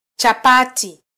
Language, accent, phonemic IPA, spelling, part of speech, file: Swahili, Kenya, /tʃɑˈpɑ.ti/, chapati, noun, Sw-ke-chapati.flac
- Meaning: chapati (flat unleavened bread)